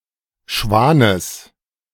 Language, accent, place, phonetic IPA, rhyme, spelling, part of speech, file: German, Germany, Berlin, [ˈʃvaːnəs], -aːnəs, Schwanes, noun, De-Schwanes.ogg
- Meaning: genitive singular of Schwan